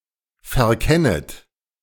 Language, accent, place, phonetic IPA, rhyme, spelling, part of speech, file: German, Germany, Berlin, [fɛɐ̯ˈkɛnət], -ɛnət, verkennet, verb, De-verkennet.ogg
- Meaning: second-person plural subjunctive I of verkennen